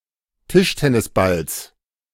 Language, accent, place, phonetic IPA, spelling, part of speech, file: German, Germany, Berlin, [ˈtɪʃtɛnɪsˌbals], Tischtennisballs, noun, De-Tischtennisballs.ogg
- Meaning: genitive of Tischtennisball